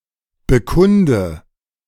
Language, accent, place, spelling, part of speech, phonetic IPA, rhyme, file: German, Germany, Berlin, bekunde, verb, [bəˈkʊndə], -ʊndə, De-bekunde.ogg
- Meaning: inflection of bekunden: 1. first-person singular present 2. first/third-person singular subjunctive I 3. singular imperative